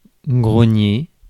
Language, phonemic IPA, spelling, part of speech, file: French, /ɡʁɔ.ɲe/, grogner, verb, Fr-grogner.ogg
- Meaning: 1. to grunt (for a pig, make the sound of a pig) 2. to grunt (for a person, to make a snorting sound e.g. of disapproval) 3. to growl, to snarl (for an animal, to make a growling or snarling sound)